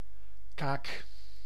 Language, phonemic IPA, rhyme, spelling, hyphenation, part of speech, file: Dutch, /kaːk/, -aːk, kaak, kaak, noun / verb, Nl-kaak.ogg
- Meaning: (noun) 1. jaw 2. cheek, cone 3. gill 4. pillory 5. ship biscuit; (verb) inflection of kaken: 1. first-person singular present indicative 2. second-person singular present indicative 3. imperative